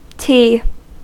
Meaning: 1. A syllable used in solfège to represent the seventh note of a major scale 2. A good luck plant (Cordyline fruticosa), an evergreen shrub
- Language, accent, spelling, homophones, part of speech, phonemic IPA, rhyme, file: English, US, ti, T / te / tea / tee, noun, /tiː/, -iː, En-us-ti.ogg